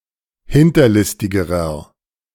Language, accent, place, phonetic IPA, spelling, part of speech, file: German, Germany, Berlin, [ˈhɪntɐˌlɪstɪɡəʁɐ], hinterlistigerer, adjective, De-hinterlistigerer.ogg
- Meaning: inflection of hinterlistig: 1. strong/mixed nominative masculine singular comparative degree 2. strong genitive/dative feminine singular comparative degree 3. strong genitive plural comparative degree